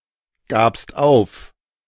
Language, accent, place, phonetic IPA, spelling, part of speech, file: German, Germany, Berlin, [ˌɡaːpst ˈaʊ̯f], gabst auf, verb, De-gabst auf.ogg
- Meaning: second-person singular preterite of aufgeben